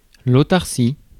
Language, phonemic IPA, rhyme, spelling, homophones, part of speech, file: French, /o.taʁ.si/, -i, autarcie, autarcies, noun, Fr-autarcie.ogg
- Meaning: autarky, self-sufficiency